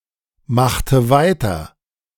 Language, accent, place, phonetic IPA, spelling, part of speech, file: German, Germany, Berlin, [ˌmaxtə ˈvaɪ̯tɐ], machte weiter, verb, De-machte weiter.ogg
- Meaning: inflection of weitermachen: 1. first/third-person singular preterite 2. first/third-person singular subjunctive II